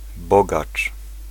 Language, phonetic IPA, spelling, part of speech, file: Polish, [ˈbɔɡat͡ʃ], bogacz, noun, Pl-bogacz.ogg